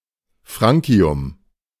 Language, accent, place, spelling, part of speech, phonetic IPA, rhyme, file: German, Germany, Berlin, Francium, noun, [ˈfʁant͡si̯ʊm], -ant͡si̯ʊm, De-Francium.ogg
- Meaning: francium